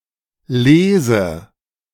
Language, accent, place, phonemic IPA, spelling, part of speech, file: German, Germany, Berlin, /ˈleːzə/, lese, verb, De-lese.ogg
- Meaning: inflection of lesen: 1. first-person singular present 2. first/third-person singular subjunctive I